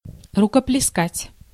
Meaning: to applaud, to clap
- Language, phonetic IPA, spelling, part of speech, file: Russian, [rʊkəplʲɪˈskatʲ], рукоплескать, verb, Ru-рукоплескать.ogg